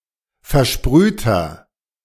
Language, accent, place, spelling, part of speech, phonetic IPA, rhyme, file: German, Germany, Berlin, versprühter, adjective, [fɛɐ̯ˈʃpʁyːtɐ], -yːtɐ, De-versprühter.ogg
- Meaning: inflection of versprüht: 1. strong/mixed nominative masculine singular 2. strong genitive/dative feminine singular 3. strong genitive plural